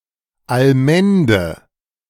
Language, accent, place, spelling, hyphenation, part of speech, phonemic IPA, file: German, Germany, Berlin, Allmende, All‧men‧de, noun, /alˈmɛndə/, De-Allmende.ogg
- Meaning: common, common land (tract of land in common ownership)